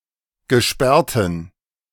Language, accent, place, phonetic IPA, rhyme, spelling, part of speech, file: German, Germany, Berlin, [ɡəˈʃpɛʁtn̩], -ɛʁtn̩, gesperrten, adjective, De-gesperrten.ogg
- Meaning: inflection of gesperrt: 1. strong genitive masculine/neuter singular 2. weak/mixed genitive/dative all-gender singular 3. strong/weak/mixed accusative masculine singular 4. strong dative plural